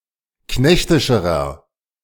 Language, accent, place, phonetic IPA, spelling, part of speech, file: German, Germany, Berlin, [ˈknɛçtɪʃəʁɐ], knechtischerer, adjective, De-knechtischerer.ogg
- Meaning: inflection of knechtisch: 1. strong/mixed nominative masculine singular comparative degree 2. strong genitive/dative feminine singular comparative degree 3. strong genitive plural comparative degree